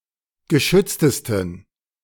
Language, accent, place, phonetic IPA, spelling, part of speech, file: German, Germany, Berlin, [ɡəˈʃʏt͡stəstn̩], geschütztesten, adjective, De-geschütztesten.ogg
- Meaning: 1. superlative degree of geschützt 2. inflection of geschützt: strong genitive masculine/neuter singular superlative degree